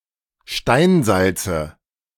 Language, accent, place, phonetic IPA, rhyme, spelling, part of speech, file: German, Germany, Berlin, [ˈʃtaɪ̯nˌzalt͡sə], -aɪ̯nzalt͡sə, Steinsalze, noun, De-Steinsalze.ogg
- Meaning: nominative/accusative/genitive plural of Steinsalz